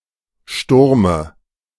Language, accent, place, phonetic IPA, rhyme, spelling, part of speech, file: German, Germany, Berlin, [ˈʃtʊʁmə], -ʊʁmə, Sturme, noun, De-Sturme.ogg
- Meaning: dative of Sturm